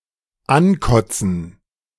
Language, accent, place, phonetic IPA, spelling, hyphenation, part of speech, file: German, Germany, Berlin, [ˈanˌkɔt͡sn̩], ankotzen, an‧kot‧zen, verb, De-ankotzen.ogg
- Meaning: 1. to puke on 2. to sicken 3. to badmouth